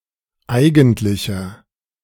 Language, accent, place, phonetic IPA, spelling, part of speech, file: German, Germany, Berlin, [ˈaɪ̯ɡn̩tlɪçɐ], eigentlicher, adjective, De-eigentlicher.ogg
- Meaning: inflection of eigentlich: 1. strong/mixed nominative masculine singular 2. strong genitive/dative feminine singular 3. strong genitive plural